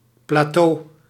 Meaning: 1. plateau (level expanse of land) 2. plateau (comparatively stable level) 3. plateau (tray) (Southern)
- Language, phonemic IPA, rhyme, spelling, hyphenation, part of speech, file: Dutch, /plaːˈtoː/, -oː, plateau, pla‧teau, noun, Nl-plateau.ogg